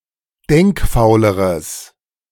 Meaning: strong/mixed nominative/accusative neuter singular comparative degree of denkfaul
- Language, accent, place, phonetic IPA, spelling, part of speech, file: German, Germany, Berlin, [ˈdɛŋkˌfaʊ̯ləʁəs], denkfauleres, adjective, De-denkfauleres.ogg